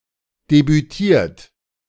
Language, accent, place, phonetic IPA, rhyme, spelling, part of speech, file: German, Germany, Berlin, [debyˈtiːɐ̯t], -iːɐ̯t, debütiert, verb, De-debütiert.ogg
- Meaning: 1. past participle of debütieren 2. inflection of debütieren: third-person singular present 3. inflection of debütieren: second-person plural present 4. inflection of debütieren: plural imperative